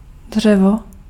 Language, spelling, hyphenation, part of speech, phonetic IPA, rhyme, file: Czech, dřevo, dře‧vo, noun, [ˈdr̝ɛvo], -ɛvo, Cs-dřevo.ogg
- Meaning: 1. wood (substance) 2. wood (a type of golf club)